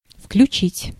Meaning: 1. to switch on, to power up, to enable (to put a mechanism, device or system into operation) 2. to include (to bring into as a part or member)
- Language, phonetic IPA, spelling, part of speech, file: Russian, [fklʲʉˈt͡ɕitʲ], включить, verb, Ru-включить.ogg